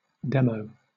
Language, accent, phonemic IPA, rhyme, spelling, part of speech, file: English, Southern England, /ˈdɛm.əʊ/, -ɛməʊ, demo, noun / adjective / verb, LL-Q1860 (eng)-demo.wav
- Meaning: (noun) 1. A demonstration or visual explanation 2. A recording of a song meant to demonstrate its overall sound for the purpose of getting it published or recorded more fully